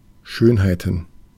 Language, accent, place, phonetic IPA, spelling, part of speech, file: German, Germany, Berlin, [ˈʃøːnhaɪ̯tn̩], Schönheiten, noun, De-Schönheiten.ogg
- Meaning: plural of Schönheit